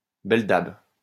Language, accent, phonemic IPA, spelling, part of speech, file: French, France, /bɛl.dab/, belle-dabe, noun, LL-Q150 (fra)-belle-dabe.wav
- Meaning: synonym of belle-mère